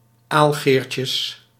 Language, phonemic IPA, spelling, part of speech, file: Dutch, /ˈalɣerces/, aalgeertjes, noun, Nl-aalgeertjes.ogg
- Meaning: plural of aalgeertje